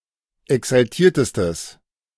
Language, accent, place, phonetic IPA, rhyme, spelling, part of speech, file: German, Germany, Berlin, [ɛksalˈtiːɐ̯təstəs], -iːɐ̯təstəs, exaltiertestes, adjective, De-exaltiertestes.ogg
- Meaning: strong/mixed nominative/accusative neuter singular superlative degree of exaltiert